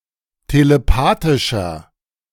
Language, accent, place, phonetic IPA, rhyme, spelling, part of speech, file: German, Germany, Berlin, [teleˈpaːtɪʃɐ], -aːtɪʃɐ, telepathischer, adjective, De-telepathischer.ogg
- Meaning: inflection of telepathisch: 1. strong/mixed nominative masculine singular 2. strong genitive/dative feminine singular 3. strong genitive plural